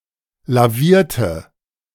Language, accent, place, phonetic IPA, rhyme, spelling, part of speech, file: German, Germany, Berlin, [laˈviːɐ̯tə], -iːɐ̯tə, lavierte, adjective / verb, De-lavierte.ogg
- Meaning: inflection of lavieren: 1. first/third-person singular preterite 2. first/third-person singular subjunctive II